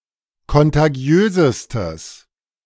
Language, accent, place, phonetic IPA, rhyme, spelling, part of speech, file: German, Germany, Berlin, [kɔntaˈɡi̯øːzəstəs], -øːzəstəs, kontagiösestes, adjective, De-kontagiösestes.ogg
- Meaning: strong/mixed nominative/accusative neuter singular superlative degree of kontagiös